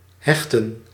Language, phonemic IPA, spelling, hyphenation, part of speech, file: Dutch, /ˈɦɛx.tə(n)/, hechten, hech‧ten, verb, Nl-hechten.ogg
- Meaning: 1. to attach, to bind 2. to suture, to stitch